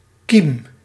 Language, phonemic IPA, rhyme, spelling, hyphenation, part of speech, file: Dutch, /kim/, -im, kiem, kiem, noun / verb, Nl-kiem.ogg
- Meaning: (noun) 1. seed, sprout, germ 2. beginning, birth 3. germ (pathogen) 4. germ; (verb) inflection of kiemen: 1. first-person singular present indicative 2. second-person singular present indicative